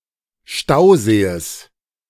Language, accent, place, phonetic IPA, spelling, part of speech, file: German, Germany, Berlin, [ˈʃtaʊ̯zeːs], Stausees, noun, De-Stausees.ogg
- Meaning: genitive singular of Stausee